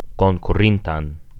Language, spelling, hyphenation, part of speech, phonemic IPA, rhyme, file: Esperanto, konkurintan, kon‧ku‧rin‧tan, adjective, /kon.kuˈrin.tan/, -intan, Eo-konkurintan.ogg
- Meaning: accusative singular past active participle of konkuri